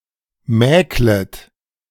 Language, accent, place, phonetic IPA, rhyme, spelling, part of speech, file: German, Germany, Berlin, [ˈmɛːklət], -ɛːklət, mäklet, verb, De-mäklet.ogg
- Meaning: second-person plural subjunctive I of mäkeln